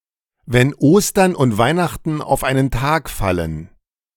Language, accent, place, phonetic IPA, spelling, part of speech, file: German, Germany, Berlin, [vɛn ˈoːstɐn ʊnt ˈvaɪ̯ˌnaxtn̩ aʊ̯f ˈaɪ̯nən ˈtaːk ˈfalən], wenn Ostern und Weihnachten auf einen Tag fallen, phrase, De-wenn Ostern und Weihnachten auf einen Tag fallen.ogg
- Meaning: a cold day in July, when pigs fly (never, expressed idiomatically)